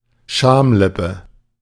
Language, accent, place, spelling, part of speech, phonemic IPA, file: German, Germany, Berlin, Schamlippe, noun, /ˈʃaːmˌlɪpə/, De-Schamlippe.ogg
- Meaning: labium (of the vulva)